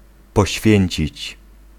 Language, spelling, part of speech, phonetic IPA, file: Polish, poświęcić, verb, [pɔˈɕfʲjɛ̇̃ɲt͡ɕit͡ɕ], Pl-poświęcić.ogg